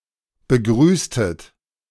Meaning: inflection of begrüßen: 1. second-person plural preterite 2. second-person plural subjunctive II
- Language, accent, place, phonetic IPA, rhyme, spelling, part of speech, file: German, Germany, Berlin, [bəˈɡʁyːstət], -yːstət, begrüßtet, verb, De-begrüßtet.ogg